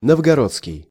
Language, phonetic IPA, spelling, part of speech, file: Russian, [nəvɡɐˈrot͡skʲɪj], новгородский, adjective, Ru-новгородский.ogg
- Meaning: Novgorod, Novgorodian